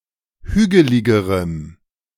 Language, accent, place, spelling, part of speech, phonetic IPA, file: German, Germany, Berlin, hügeligerem, adjective, [ˈhyːɡəlɪɡəʁəm], De-hügeligerem.ogg
- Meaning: strong dative masculine/neuter singular comparative degree of hügelig